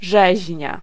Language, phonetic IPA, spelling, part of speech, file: Polish, [ˈʒɛʑɲa], rzeźnia, noun, Pl-rzeźnia.ogg